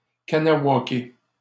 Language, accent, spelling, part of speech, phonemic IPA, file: French, Canada, Kahnawake, proper noun, /ka.na.wa.ke/, LL-Q150 (fra)-Kahnawake.wav
- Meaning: Kahnawake (a large Mohawk community on the South Shore region of Montreal)